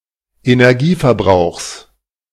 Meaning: genitive singular of Energieverbrauch
- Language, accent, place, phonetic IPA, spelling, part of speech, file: German, Germany, Berlin, [enɛʁˈɡiːfɛɐ̯ˌbʁaʊ̯xs], Energieverbrauchs, noun, De-Energieverbrauchs.ogg